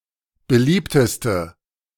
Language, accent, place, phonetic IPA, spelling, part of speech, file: German, Germany, Berlin, [bəˈliːptəstə], beliebteste, adjective, De-beliebteste.ogg
- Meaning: inflection of beliebt: 1. strong/mixed nominative/accusative feminine singular superlative degree 2. strong nominative/accusative plural superlative degree